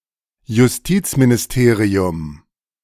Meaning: justice ministry
- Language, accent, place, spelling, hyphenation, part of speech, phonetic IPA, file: German, Germany, Berlin, Justizministerium, Jus‧tiz‧mi‧ni‧ste‧ri‧um, noun, [jʊsˈtiːt͡sminɪsˌteːʁi̯ʊm], De-Justizministerium.ogg